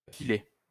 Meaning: to sharpen (to make sharp)
- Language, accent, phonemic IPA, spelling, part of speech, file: French, France, /a.fi.le/, affiler, verb, LL-Q150 (fra)-affiler.wav